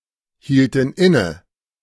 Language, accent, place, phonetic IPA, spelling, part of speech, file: German, Germany, Berlin, [ˌhiːltn̩ ˈɪnə], hielten inne, verb, De-hielten inne.ogg
- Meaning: inflection of innehalten: 1. first/third-person plural preterite 2. first/third-person plural subjunctive II